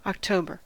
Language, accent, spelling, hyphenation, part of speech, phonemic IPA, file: English, US, October, Oc‧to‧ber, proper noun / noun / verb, /ɑkˈtoʊ.bəɹ/, En-us-October.ogg
- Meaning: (proper noun) 1. The tenth month of the Gregorian calendar, following September and preceding November 2. A female given name transferred from the month name